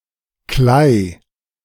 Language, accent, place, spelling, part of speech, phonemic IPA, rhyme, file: German, Germany, Berlin, Klei, noun, /klaɪ̯/, -aɪ̯, De-Klei.ogg
- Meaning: 1. clay 2. the somewhat dried-out ooze or mud that makes the ground of marshland